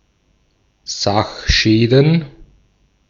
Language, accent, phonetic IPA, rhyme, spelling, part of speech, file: German, Austria, [ˈzaxˌʃɛːdn̩], -axʃɛːdn̩, Sachschäden, noun, De-at-Sachschäden.ogg
- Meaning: plural of Sachschaden